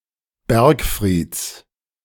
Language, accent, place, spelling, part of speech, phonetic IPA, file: German, Germany, Berlin, Bergfrieds, noun, [ˈbɛʁkˌfʁiːt͡s], De-Bergfrieds.ogg
- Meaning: genitive singular of Bergfried